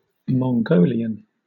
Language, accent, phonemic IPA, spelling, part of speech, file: English, Southern England, /mɒŋˈɡoʊliən/, Mongolian, adjective / noun, LL-Q1860 (eng)-Mongolian.wav
- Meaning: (adjective) 1. Of or relating to Mongolia or its peoples, languages, or cultures 2. Resembling or having some of the characteristic physical features of the mongoloid racial type